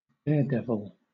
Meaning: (noun) A person who engages in very risky behavior, especially one who is motivated by a craving for excitement or attention; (adjective) Recklessly bold; adventurous
- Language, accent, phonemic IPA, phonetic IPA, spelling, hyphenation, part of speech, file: English, Southern England, /ˈdɛədɛvəl/, [ˈdɛədɛvəɫ], daredevil, dare‧dev‧il, noun / adjective / verb, LL-Q1860 (eng)-daredevil.wav